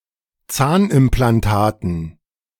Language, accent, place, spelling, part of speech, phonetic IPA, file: German, Germany, Berlin, Zahnimplantaten, noun, [ˈt͡saːnʔɪmplanˌtaːtn̩], De-Zahnimplantaten.ogg
- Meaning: dative plural of Zahnimplantat